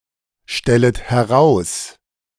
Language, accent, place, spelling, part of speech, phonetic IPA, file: German, Germany, Berlin, stellet heraus, verb, [ˌʃtɛlət hɛˈʁaʊ̯s], De-stellet heraus.ogg
- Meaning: second-person plural subjunctive I of herausstellen